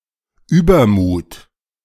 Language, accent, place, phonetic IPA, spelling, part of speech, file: German, Germany, Berlin, [ˈʔyːbɐmuːt], Übermut, noun / symbol, De-Übermut.ogg
- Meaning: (noun) high spirits, cockiness; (symbol) the letter Ü in the German spelling alphabet